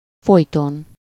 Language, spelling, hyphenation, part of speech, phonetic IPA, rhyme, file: Hungarian, folyton, foly‧ton, adverb, [ˈfojton], -on, Hu-folyton.ogg
- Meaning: always, incessantly, perpetually